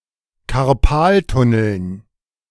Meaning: dative plural of Karpaltunnel
- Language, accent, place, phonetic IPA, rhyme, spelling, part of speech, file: German, Germany, Berlin, [kaʁˈpaːltʊnl̩n], -aːltʊnl̩n, Karpaltunneln, noun, De-Karpaltunneln.ogg